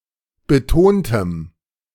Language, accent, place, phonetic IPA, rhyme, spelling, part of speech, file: German, Germany, Berlin, [bəˈtoːntəm], -oːntəm, betontem, adjective, De-betontem.ogg
- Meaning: strong dative masculine/neuter singular of betont